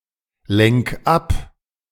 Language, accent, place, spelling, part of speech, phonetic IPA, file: German, Germany, Berlin, lenk ab, verb, [ˌlɛŋk ˈap], De-lenk ab.ogg
- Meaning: 1. singular imperative of ablenken 2. first-person singular present of ablenken